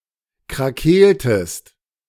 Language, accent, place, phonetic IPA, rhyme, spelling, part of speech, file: German, Germany, Berlin, [kʁaˈkeːltəst], -eːltəst, krakeeltest, verb, De-krakeeltest.ogg
- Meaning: inflection of krakeelen: 1. second-person singular preterite 2. second-person singular subjunctive II